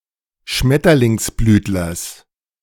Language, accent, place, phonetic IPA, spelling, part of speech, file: German, Germany, Berlin, [ˈʃmɛtɐlɪŋsˌblyːtlɐs], Schmetterlingsblütlers, noun, De-Schmetterlingsblütlers.ogg
- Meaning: genitive singular of Schmetterlingsblütler